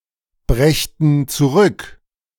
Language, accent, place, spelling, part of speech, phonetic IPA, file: German, Germany, Berlin, brächten zurück, verb, [ˌbʁɛçtn̩ t͡suˈʁʏk], De-brächten zurück.ogg
- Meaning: first/third-person plural subjunctive II of zurückbringen